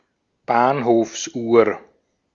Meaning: station clock (at a train station)
- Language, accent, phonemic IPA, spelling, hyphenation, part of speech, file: German, Austria, /ˈbaːnhoːfsˌʔuːɐ̯/, Bahnhofsuhr, Bahn‧hofs‧uhr, noun, De-at-Bahnhofsuhr.ogg